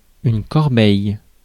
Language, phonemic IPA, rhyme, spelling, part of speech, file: French, /kɔʁ.bɛj/, -ɛj, corbeille, noun, Fr-corbeille.ogg
- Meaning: 1. wicker basket 2. trash can 3. trash, recycle bin